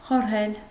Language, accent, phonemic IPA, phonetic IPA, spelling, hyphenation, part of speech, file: Armenian, Eastern Armenian, /χoɾˈhel/, [χoɾhél], խորհել, խոր‧հել, verb, Hy-խորհել.ogg
- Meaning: 1. to consider, to weigh, to deliberate 2. to think about, to contemplate, to ponder 3. to worry 4. to put heads together, to exchange views on, to discuss